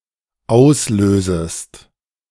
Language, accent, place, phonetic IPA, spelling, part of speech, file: German, Germany, Berlin, [ˈaʊ̯sˌløːzəst], auslösest, verb, De-auslösest.ogg
- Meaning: second-person singular dependent subjunctive I of auslösen